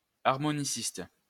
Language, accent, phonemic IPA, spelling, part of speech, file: French, France, /aʁ.mɔ.ni.sist/, harmoniciste, noun, LL-Q150 (fra)-harmoniciste.wav
- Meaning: harmonicist